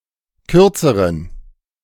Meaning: inflection of kurz: 1. strong genitive masculine/neuter singular comparative degree 2. weak/mixed genitive/dative all-gender singular comparative degree
- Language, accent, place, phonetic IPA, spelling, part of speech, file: German, Germany, Berlin, [ˈkʏʁt͡səʁən], kürzeren, adjective, De-kürzeren.ogg